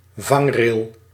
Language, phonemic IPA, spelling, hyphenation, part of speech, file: Dutch, /ˈvɑŋ.reːl/, vangrail, vang‧rail, noun, Nl-vangrail.ogg
- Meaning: guardrail, crash barrier